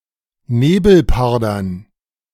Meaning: dative plural of Nebelparder
- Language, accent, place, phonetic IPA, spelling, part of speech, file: German, Germany, Berlin, [ˈneːbl̩ˌpaʁdɐn], Nebelpardern, noun, De-Nebelpardern.ogg